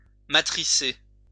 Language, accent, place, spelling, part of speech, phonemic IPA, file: French, France, Lyon, matricer, verb, /ma.tʁi.se/, LL-Q150 (fra)-matricer.wav
- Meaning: to dub (add audio track to a film)